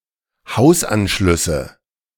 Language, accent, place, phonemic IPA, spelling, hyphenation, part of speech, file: German, Germany, Berlin, /ˈhaʊ̯sˌʔanʃlʏsə/, Hausanschlüsse, Haus‧an‧schlüs‧se, noun, De-Hausanschlüsse.ogg
- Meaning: nominative/accusative/genitive plural of Hausanschluss